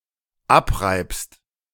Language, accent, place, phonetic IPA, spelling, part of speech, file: German, Germany, Berlin, [ˈapˌʁaɪ̯pst], abreibst, verb, De-abreibst.ogg
- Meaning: second-person singular dependent present of abreiben